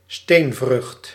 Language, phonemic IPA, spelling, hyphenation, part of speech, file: Dutch, /ˈsteːn.vrʏxt/, steenvrucht, steen‧vrucht, noun, Nl-steenvrucht.ogg
- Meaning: stone fruit, drupe